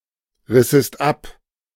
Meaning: second-person singular subjunctive II of abreißen
- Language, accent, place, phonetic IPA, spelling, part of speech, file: German, Germany, Berlin, [ˌʁɪsəst ˈap], rissest ab, verb, De-rissest ab.ogg